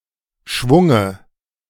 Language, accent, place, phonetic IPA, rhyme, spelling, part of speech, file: German, Germany, Berlin, [ˈʃvʊŋə], -ʊŋə, Schwunge, noun, De-Schwunge.ogg
- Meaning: dative of Schwung